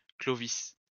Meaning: a male given name, notably of four Frankish kings
- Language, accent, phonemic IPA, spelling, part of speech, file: French, France, /klɔ.vis/, Clovis, proper noun, LL-Q150 (fra)-Clovis.wav